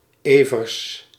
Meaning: a surname, Evers, originating as a patronymic, equivalent to English Everetts
- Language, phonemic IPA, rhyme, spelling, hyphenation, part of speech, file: Dutch, /ˈeː.vərs/, -eːvərs, Evers, Evers, proper noun, Nl-Evers.ogg